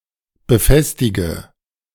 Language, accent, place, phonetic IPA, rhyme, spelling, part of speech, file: German, Germany, Berlin, [bəˈfɛstɪɡə], -ɛstɪɡə, befestige, verb, De-befestige.ogg
- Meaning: inflection of befestigen: 1. first-person singular present 2. first/third-person singular subjunctive I 3. singular imperative